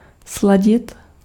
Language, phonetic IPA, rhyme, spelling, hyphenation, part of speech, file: Czech, [ˈslaɟɪt], -aɟɪt, sladit, sla‧dit, verb, Cs-sladit.ogg
- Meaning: 1. to sweeten 2. to use sugar or other sweeteners 3. to harmonize, to attune, to bring into accord